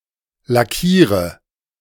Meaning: inflection of lackieren: 1. first-person singular present 2. singular imperative 3. first/third-person singular subjunctive I
- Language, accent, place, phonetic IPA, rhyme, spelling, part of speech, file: German, Germany, Berlin, [laˈkiːʁə], -iːʁə, lackiere, verb, De-lackiere.ogg